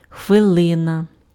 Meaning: minute (unit of time)
- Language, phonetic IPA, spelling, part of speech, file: Ukrainian, [xʋeˈɫɪnɐ], хвилина, noun, Uk-хвилина.ogg